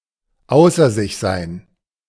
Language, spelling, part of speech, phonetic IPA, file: German, außer sich sein, phrase, [ˈaʊ̯sɐ zɪç zaɪ̯n], De-außer sich sein.ogg